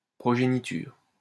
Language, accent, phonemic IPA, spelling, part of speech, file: French, France, /pʁɔ.ʒe.ni.tyʁ/, progéniture, noun, LL-Q150 (fra)-progéniture.wav
- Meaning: offspring, progeny